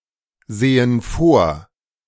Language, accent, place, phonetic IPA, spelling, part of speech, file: German, Germany, Berlin, [ˌzeːən ˈfoːɐ̯], sehen vor, verb, De-sehen vor.ogg
- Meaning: inflection of vorsehen: 1. first/third-person plural present 2. first/third-person plural subjunctive I